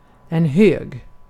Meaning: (adjective) 1. high; tall; reaching a great distance from the ground or being found high above it 2. of a quantity or value: high, great or large 3. high-pitched 4. loud; strong sound
- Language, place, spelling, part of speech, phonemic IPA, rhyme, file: Swedish, Gotland, hög, adjective / noun, /høːɡ/, -øːɡ, Sv-hög.ogg